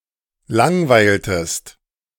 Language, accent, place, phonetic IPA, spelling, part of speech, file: German, Germany, Berlin, [ˈlaŋˌvaɪ̯ltəst], langweiltest, verb, De-langweiltest.ogg
- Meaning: inflection of langweilen: 1. second-person singular preterite 2. second-person singular subjunctive II